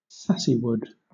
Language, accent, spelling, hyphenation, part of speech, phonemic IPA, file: English, Southern England, sassywood, sas‧sy‧wood, noun, /ˈsæsiwʊd/, LL-Q1860 (eng)-sassywood.wav